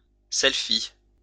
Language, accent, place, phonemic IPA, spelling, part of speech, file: French, France, Lyon, /sɛl.fi/, selfie, noun, LL-Q150 (fra)-selfie.wav
- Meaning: selfie